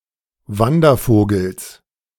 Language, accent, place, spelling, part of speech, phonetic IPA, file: German, Germany, Berlin, Wandervogels, noun, [ˈvandɐˌfoːɡl̩s], De-Wandervogels.ogg
- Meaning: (noun) genitive singular of Wandervogel